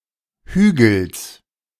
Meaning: genitive singular of Hügel
- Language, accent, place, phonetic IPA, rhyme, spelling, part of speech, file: German, Germany, Berlin, [ˈhyːɡl̩s], -yːɡl̩s, Hügels, noun, De-Hügels.ogg